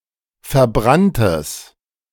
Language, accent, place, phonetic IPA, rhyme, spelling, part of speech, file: German, Germany, Berlin, [fɛɐ̯ˈbʁantəs], -antəs, verbranntes, adjective, De-verbranntes.ogg
- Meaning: strong/mixed nominative/accusative neuter singular of verbrannt